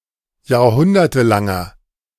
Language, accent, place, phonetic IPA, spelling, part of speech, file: German, Germany, Berlin, [jaːɐ̯ˈhʊndɐtəˌlaŋɐ], jahrhundertelanger, adjective, De-jahrhundertelanger.ogg
- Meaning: inflection of jahrhundertelang: 1. strong/mixed nominative masculine singular 2. strong genitive/dative feminine singular 3. strong genitive plural